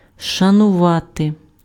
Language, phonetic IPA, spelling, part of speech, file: Ukrainian, [ʃɐnʊˈʋate], шанувати, verb, Uk-шанувати.ogg
- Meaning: to respect, to esteem